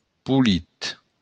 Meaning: pretty
- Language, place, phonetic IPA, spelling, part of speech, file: Occitan, Béarn, [puˈlit], polit, adjective, LL-Q14185 (oci)-polit.wav